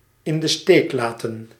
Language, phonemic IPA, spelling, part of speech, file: Dutch, /ɪn də ˈsteːk ˌlaː.tə(n)/, in de steek laten, verb, Nl-in de steek laten.ogg
- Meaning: to abandon, leave behind, leave in the lurch